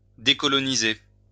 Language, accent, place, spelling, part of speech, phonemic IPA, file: French, France, Lyon, décoloniser, verb, /de.kɔ.lɔ.ni.ze/, LL-Q150 (fra)-décoloniser.wav
- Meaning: to decolonize